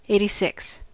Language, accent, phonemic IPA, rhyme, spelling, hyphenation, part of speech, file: English, US, /ˌeɪ̯.tiˈsɪks/, -ɪks, 86, 86, verb, En-us-86.ogg
- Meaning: 1. To cancel an order for food 2. To temporarily remove an item from the menu 3. To throw out; to discard 4. To deny service to 5. To kill